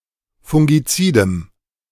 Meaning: strong dative masculine/neuter singular of fungizid
- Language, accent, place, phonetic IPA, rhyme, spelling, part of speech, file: German, Germany, Berlin, [fʊŋɡiˈt͡siːdəm], -iːdəm, fungizidem, adjective, De-fungizidem.ogg